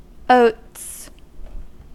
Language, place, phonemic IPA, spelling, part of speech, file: English, California, /oʊts/, oats, noun, En-us-oats.ogg
- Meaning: 1. plural of oat 2. A mass of oat plants (genus Avena, especially Avena sativa) 3. Seeds of an oat plant, especially prepared as food 4. Sexual intercourse, sexual satisfaction; semen